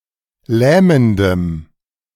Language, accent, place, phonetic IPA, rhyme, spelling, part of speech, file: German, Germany, Berlin, [ˈlɛːməndəm], -ɛːməndəm, lähmendem, adjective, De-lähmendem.ogg
- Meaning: strong dative masculine/neuter singular of lähmend